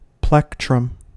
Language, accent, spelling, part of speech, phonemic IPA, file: English, US, plectrum, noun, /ˈplɛk.tɹəm/, En-us-plectrum.ogg
- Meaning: A small piece of plastic, metal, ivory, etc., for plucking the strings of a guitar, lyre, mandolin, etc